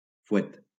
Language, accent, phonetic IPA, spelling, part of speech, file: Catalan, Valencia, [fuˈet], fuet, noun, LL-Q7026 (cat)-fuet.wav
- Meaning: 1. whip (instrument used to make a sharp sound) 2. fuet (sausage)